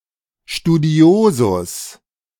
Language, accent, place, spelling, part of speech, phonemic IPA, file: German, Germany, Berlin, Studiosus, noun, /ʃtuˈdi̯oːzʊs/, De-Studiosus.ogg
- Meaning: student